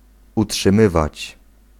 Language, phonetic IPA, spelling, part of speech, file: Polish, [ˌuṭʃɨ̃ˈmɨvat͡ɕ], utrzymywać, verb, Pl-utrzymywać.ogg